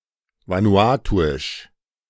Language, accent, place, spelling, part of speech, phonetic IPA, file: German, Germany, Berlin, vanuatuisch, adjective, [ˌvanuˈaːtuɪʃ], De-vanuatuisch.ogg
- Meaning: of Vanuatu; Vanuatuan